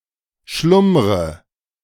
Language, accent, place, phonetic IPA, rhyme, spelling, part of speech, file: German, Germany, Berlin, [ˈʃlʊmʁə], -ʊmʁə, schlummre, verb, De-schlummre.ogg
- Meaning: inflection of schlummern: 1. first-person singular present 2. first/third-person singular subjunctive I 3. singular imperative